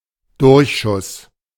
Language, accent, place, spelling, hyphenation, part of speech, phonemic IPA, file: German, Germany, Berlin, Durchschuss, Durch‧schuss, noun, /ˈdʊʁçˌʃʊs/, De-Durchschuss.ogg
- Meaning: 1. perforating projectile (i.e. one that goes through the target) 2. leading (the space between the bottom of one line and the top of the next)